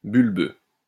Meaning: 1. bulbous (shaped like a bulb) 2. bulbous (growing from or producing bulbs)
- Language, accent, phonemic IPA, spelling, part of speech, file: French, France, /byl.bø/, bulbeux, adjective, LL-Q150 (fra)-bulbeux.wav